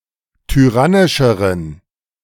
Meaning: inflection of tyrannisch: 1. strong genitive masculine/neuter singular comparative degree 2. weak/mixed genitive/dative all-gender singular comparative degree
- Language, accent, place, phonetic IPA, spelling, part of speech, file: German, Germany, Berlin, [tyˈʁanɪʃəʁən], tyrannischeren, adjective, De-tyrannischeren.ogg